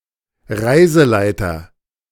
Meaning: (tour) guide
- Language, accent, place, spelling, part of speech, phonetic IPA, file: German, Germany, Berlin, Reiseleiter, noun, [ˈʁaɪ̯zəˌlaɪ̯tɐ], De-Reiseleiter.ogg